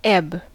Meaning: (noun) 1. The receding movement of the tide 2. A gradual decline 3. A low state; a state of depression
- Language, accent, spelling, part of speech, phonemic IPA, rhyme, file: English, US, ebb, noun / adjective / verb, /ɛb/, -ɛb, En-us-ebb.ogg